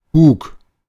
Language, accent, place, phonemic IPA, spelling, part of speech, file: German, Germany, Berlin, /buːk/, buk, verb, De-buk.ogg
- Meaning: first/third-person singular preterite of backen